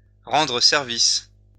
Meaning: to help out, to do a favour to, to oblige
- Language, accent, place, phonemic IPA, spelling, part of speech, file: French, France, Lyon, /ʁɑ̃.dʁə sɛʁ.vis/, rendre service, verb, LL-Q150 (fra)-rendre service.wav